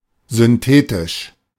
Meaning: synthetic
- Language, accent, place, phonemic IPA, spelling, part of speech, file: German, Germany, Berlin, /zʏnˈteːtɪʃ/, synthetisch, adjective, De-synthetisch.ogg